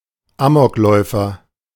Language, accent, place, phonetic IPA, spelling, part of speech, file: German, Germany, Berlin, [ˈaːmɔkˌlɔɪ̯fɐ], Amokläufer, noun, De-Amokläufer.ogg
- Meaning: gunman